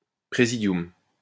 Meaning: presidium (executive committee)
- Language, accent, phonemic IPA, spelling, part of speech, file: French, France, /pʁe.zi.djɔm/, présidium, noun, LL-Q150 (fra)-présidium.wav